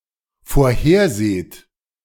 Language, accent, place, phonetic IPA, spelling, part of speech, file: German, Germany, Berlin, [foːɐ̯ˈheːɐ̯ˌzeːt], vorherseht, verb, De-vorherseht.ogg
- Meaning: second-person plural dependent present of vorhersehen